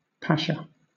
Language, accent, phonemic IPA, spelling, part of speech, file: English, Southern England, /ˈpæʃə/, pasha, noun, LL-Q1860 (eng)-pasha.wav
- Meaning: A high-ranking Turkish military officer, especially as a commander or regional governor; the highest honorary title during the Ottoman Empire